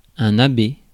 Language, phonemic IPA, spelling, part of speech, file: French, /a.be/, abbé, noun, Fr-abbé.ogg
- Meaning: an abbot, the head of an abbey